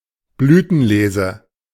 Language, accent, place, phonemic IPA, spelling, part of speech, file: German, Germany, Berlin, /ˈblyːtn̩ˌleːzə/, Blütenlese, noun, De-Blütenlese.ogg
- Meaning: anthology, reader